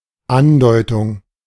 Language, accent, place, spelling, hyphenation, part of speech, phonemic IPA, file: German, Germany, Berlin, Andeutung, An‧deu‧tung, noun, /ˈandɔɪ̯tʊŋ/, De-Andeutung.ogg
- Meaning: adumbration, hint